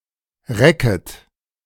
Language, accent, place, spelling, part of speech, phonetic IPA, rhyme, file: German, Germany, Berlin, recket, verb, [ˈʁɛkət], -ɛkət, De-recket.ogg
- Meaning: second-person plural subjunctive I of recken